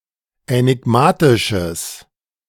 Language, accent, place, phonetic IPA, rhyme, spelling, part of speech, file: German, Germany, Berlin, [ɛnɪˈɡmaːtɪʃəs], -aːtɪʃəs, änigmatisches, adjective, De-änigmatisches.ogg
- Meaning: strong/mixed nominative/accusative neuter singular of änigmatisch